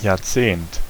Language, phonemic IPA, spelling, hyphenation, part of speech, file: German, /ja(ːɐ̯)ˈtseːnt/, Jahrzehnt, Jahr‧zehnt, noun, De-Jahrzehnt.ogg
- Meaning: decade